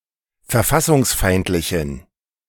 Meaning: inflection of verfassungsfeindlich: 1. strong genitive masculine/neuter singular 2. weak/mixed genitive/dative all-gender singular 3. strong/weak/mixed accusative masculine singular
- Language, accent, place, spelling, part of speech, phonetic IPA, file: German, Germany, Berlin, verfassungsfeindlichen, adjective, [fɛɐ̯ˈfasʊŋsˌfaɪ̯ntlɪçn̩], De-verfassungsfeindlichen.ogg